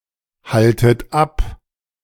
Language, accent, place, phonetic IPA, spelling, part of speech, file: German, Germany, Berlin, [ˌhaltət ˈap], haltet ab, verb, De-haltet ab.ogg
- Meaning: inflection of abhalten: 1. second-person plural present 2. second-person plural subjunctive I 3. plural imperative